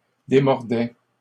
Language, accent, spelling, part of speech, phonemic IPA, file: French, Canada, démordaient, verb, /de.mɔʁ.dɛ/, LL-Q150 (fra)-démordaient.wav
- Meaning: third-person plural imperfect indicative of démordre